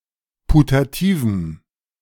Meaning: strong dative masculine/neuter singular of putativ
- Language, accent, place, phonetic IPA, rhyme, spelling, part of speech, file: German, Germany, Berlin, [putaˈtiːvm̩], -iːvm̩, putativem, adjective, De-putativem.ogg